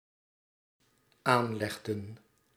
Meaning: inflection of aanleggen: 1. plural dependent-clause past indicative 2. plural dependent-clause past subjunctive
- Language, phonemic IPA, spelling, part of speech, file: Dutch, /ˈanlɛɣdə(n)/, aanlegden, verb, Nl-aanlegden.ogg